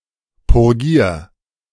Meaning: 1. singular imperative of purgieren 2. first-person singular present of purgieren
- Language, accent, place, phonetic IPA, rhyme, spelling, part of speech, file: German, Germany, Berlin, [pʊʁˈɡiːɐ̯], -iːɐ̯, purgier, verb, De-purgier.ogg